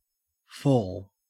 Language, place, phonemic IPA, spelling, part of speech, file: English, Queensland, /foːl/, fall, verb / noun / interjection, En-au-fall.ogg
- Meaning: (verb) To be moved downwards.: 1. To move to a lower position under the effect of gravity 2. To come down, to drop or descend 3. To come as if by dropping down